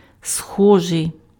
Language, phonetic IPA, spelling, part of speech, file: Ukrainian, [ˈsxɔʒei̯], схожий, adjective, Uk-схожий.ogg
- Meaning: 1. similar, alike 2. -like 3. germinable (said of seeds)